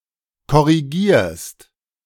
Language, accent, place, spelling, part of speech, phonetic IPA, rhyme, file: German, Germany, Berlin, korrigierst, verb, [kɔʁiˈɡiːɐ̯st], -iːɐ̯st, De-korrigierst.ogg
- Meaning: second-person singular present of korrigieren